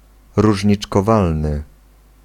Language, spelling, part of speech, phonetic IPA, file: Polish, różniczkowalny, adjective, [ˌruʒʲɲit͡ʃkɔˈvalnɨ], Pl-różniczkowalny.ogg